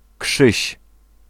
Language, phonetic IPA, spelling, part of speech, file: Polish, [kʃɨɕ], Krzyś, proper noun, Pl-Krzyś.ogg